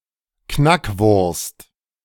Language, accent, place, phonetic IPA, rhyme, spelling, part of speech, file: German, Germany, Berlin, [ˈknakˌvʊʁst], -akvʊʁst, Knackwurst, noun, De-Knackwurst.ogg
- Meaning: knackwurst, knockwurst